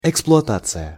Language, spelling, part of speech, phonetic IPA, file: Russian, эксплуатация, noun, [ɪkspɫʊɐˈtat͡sɨjə], Ru-эксплуатация.ogg
- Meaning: 1. exploitation 2. operation (of machinery, buildings, etc.) 3. operation (of land, subsoil, extraction of minerals from deposits)